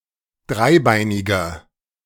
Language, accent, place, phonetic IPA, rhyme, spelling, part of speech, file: German, Germany, Berlin, [ˈdʁaɪ̯ˌbaɪ̯nɪɡɐ], -aɪ̯baɪ̯nɪɡɐ, dreibeiniger, adjective, De-dreibeiniger.ogg
- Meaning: inflection of dreibeinig: 1. strong/mixed nominative masculine singular 2. strong genitive/dative feminine singular 3. strong genitive plural